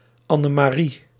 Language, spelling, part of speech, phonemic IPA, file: Dutch, Anne-Marie, proper noun, /ˌɑ.nə.maːˈri/, Nl-Anne-Marie.ogg
- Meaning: a female given name, combination of Anne and Marie